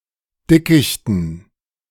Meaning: dative plural of Dickicht
- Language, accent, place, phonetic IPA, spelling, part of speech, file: German, Germany, Berlin, [ˈdɪkɪçtn̩], Dickichten, noun, De-Dickichten.ogg